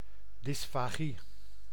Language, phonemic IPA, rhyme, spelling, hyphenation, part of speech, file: Dutch, /ˌdɪs.faːˈɣi/, -i, dysfagie, dys‧fa‧gie, noun, Nl-dysfagie.ogg
- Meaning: dysphagia